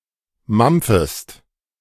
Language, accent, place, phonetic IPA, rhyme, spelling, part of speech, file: German, Germany, Berlin, [ˈmamp͡fəst], -amp͡fəst, mampfest, verb, De-mampfest.ogg
- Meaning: second-person singular subjunctive I of mampfen